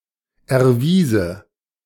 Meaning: first/third-person singular subjunctive II of erweisen
- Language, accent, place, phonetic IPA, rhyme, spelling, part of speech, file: German, Germany, Berlin, [ɛɐ̯ˈviːzə], -iːzə, erwiese, verb, De-erwiese.ogg